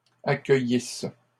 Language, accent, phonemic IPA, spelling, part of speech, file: French, Canada, /a.kœ.jis/, accueillissent, verb, LL-Q150 (fra)-accueillissent.wav
- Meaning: third-person plural imperfect subjunctive of accueillir